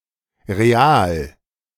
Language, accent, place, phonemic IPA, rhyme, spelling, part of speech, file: German, Germany, Berlin, /ʁeˈaːl/, -aːl, Real, noun, De-Real.ogg
- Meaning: 1. real (former Spanish currency unit) 2. real (Brazilian and former Portuguese currency unit)